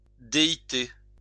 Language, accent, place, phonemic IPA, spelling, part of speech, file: French, France, Lyon, /de.i.te/, déité, noun, LL-Q150 (fra)-déité.wav
- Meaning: deity; god